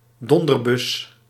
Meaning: blunderbuss
- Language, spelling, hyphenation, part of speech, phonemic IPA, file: Dutch, donderbus, don‧der‧bus, noun, /ˈdɔn.dərˌbʏs/, Nl-donderbus.ogg